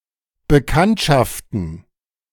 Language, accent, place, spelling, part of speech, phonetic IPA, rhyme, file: German, Germany, Berlin, Bekanntschaften, noun, [bəˈkantʃaftn̩], -antʃaftn̩, De-Bekanntschaften.ogg
- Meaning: plural of Bekanntschaft